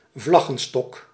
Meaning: flagpole
- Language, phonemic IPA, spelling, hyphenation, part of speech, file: Dutch, /ˈvlɑ.ɣə(n)ˌstɔk/, vlaggenstok, vlag‧gen‧stok, noun, Nl-vlaggenstok.ogg